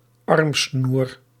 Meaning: bracelet
- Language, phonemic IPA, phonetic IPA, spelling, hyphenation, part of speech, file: Dutch, /ˈɑrm.snur/, [ˈɑrm.snuːr], armsnoer, arm‧snoer, noun, Nl-armsnoer.ogg